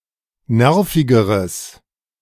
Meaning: strong/mixed nominative/accusative neuter singular comparative degree of nervig
- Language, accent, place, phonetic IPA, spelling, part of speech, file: German, Germany, Berlin, [ˈnɛʁfɪɡəʁəs], nervigeres, adjective, De-nervigeres.ogg